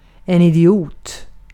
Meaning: an idiot
- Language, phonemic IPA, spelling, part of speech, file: Swedish, /ɪdɪˈuːt/, idiot, noun, Sv-idiot.ogg